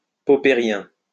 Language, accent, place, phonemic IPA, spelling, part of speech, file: French, France, Lyon, /pɔ.pe.ʁjɛ̃/, poppérien, adjective, LL-Q150 (fra)-poppérien.wav
- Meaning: Popperian